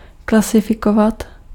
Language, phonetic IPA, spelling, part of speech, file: Czech, [ˈklasɪfɪkovat], klasifikovat, verb, Cs-klasifikovat.ogg
- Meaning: to classify